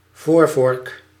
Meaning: the (front) fork of a bicycle, motorcycle, or moped that holds the front wheel
- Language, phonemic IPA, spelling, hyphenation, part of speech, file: Dutch, /ˈvoːr.vɔrk/, voorvork, voor‧vork, noun, Nl-voorvork.ogg